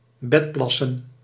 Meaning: to wet one's bed
- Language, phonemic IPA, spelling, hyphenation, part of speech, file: Dutch, /ˈbɛtˌplɑ.sə(n)/, bedplassen, bed‧plas‧sen, verb, Nl-bedplassen.ogg